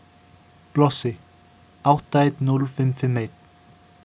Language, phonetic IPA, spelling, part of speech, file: Icelandic, [ˈplɔs(ː)ɪ], blossi, noun, Is-blossi.oga
- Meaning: flash of fire